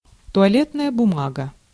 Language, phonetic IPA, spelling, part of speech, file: Russian, [tʊɐˈlʲetnəjə bʊˈmaɡə], туалетная бумага, noun, Ru-туалетная бумага.ogg
- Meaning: toilet tissue, toilet paper, toilet roll (paper on a roll)